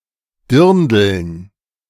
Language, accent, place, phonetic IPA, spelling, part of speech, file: German, Germany, Berlin, [ˈdɪʁndl̩n], Dirndln, noun, De-Dirndln.ogg
- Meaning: 1. nominative plural of Dirndl (“girl; cornel”) 2. genitive plural of Dirndl (“girl; cornel”) 3. dative plural of Dirndl (“girl; cornel; dirndl”) 4. accusative plural of Dirndl (“girl; cornel”)